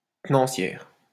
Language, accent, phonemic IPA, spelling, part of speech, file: French, France, /tə.nɑ̃.sjɛʁ/, tenancière, noun, LL-Q150 (fra)-tenancière.wav
- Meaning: 1. female equivalent of tenancier: female manager (of a hotel, etc.) 2. madam (woman in charge of a brothel)